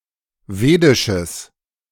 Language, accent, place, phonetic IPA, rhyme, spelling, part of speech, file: German, Germany, Berlin, [ˈveːdɪʃəs], -eːdɪʃəs, wedisches, adjective, De-wedisches.ogg
- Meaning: strong/mixed nominative/accusative neuter singular of wedisch